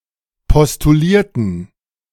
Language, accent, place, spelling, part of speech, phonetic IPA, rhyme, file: German, Germany, Berlin, postulierten, adjective / verb, [pɔstuˈliːɐ̯tn̩], -iːɐ̯tn̩, De-postulierten.ogg
- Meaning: inflection of postulieren: 1. first/third-person plural preterite 2. first/third-person plural subjunctive II